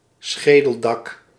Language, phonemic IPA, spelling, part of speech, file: Dutch, /ˈsxeːdəldɑk/, schedeldak, noun, Nl-schedeldak.ogg
- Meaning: calvaria, skullcap